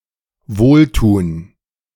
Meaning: to do good
- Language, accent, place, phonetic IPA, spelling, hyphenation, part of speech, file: German, Germany, Berlin, [ˈvoːlˌtuːn], wohltun, wohl‧tun, verb, De-wohltun.ogg